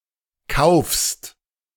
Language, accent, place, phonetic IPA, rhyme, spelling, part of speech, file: German, Germany, Berlin, [kaʊ̯fst], -aʊ̯fst, kaufst, verb, De-kaufst.ogg
- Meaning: second-person singular present of kaufen